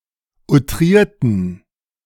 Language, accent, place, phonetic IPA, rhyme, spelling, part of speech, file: German, Germany, Berlin, [uˈtʁiːɐ̯tn̩], -iːɐ̯tn̩, outrierten, adjective / verb, De-outrierten.ogg
- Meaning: inflection of outriert: 1. strong genitive masculine/neuter singular 2. weak/mixed genitive/dative all-gender singular 3. strong/weak/mixed accusative masculine singular 4. strong dative plural